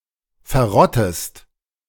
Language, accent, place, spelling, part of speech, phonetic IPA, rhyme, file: German, Germany, Berlin, verrottest, verb, [fɛɐ̯ˈʁɔtəst], -ɔtəst, De-verrottest.ogg
- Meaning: inflection of verrotten: 1. second-person singular present 2. second-person singular subjunctive I